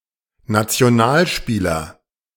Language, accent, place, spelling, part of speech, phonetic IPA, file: German, Germany, Berlin, Nationalspieler, noun, [nat͡si̯oˈnaːlˌʃpiːlɐ], De-Nationalspieler.ogg
- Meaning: national player (member of a national sports team)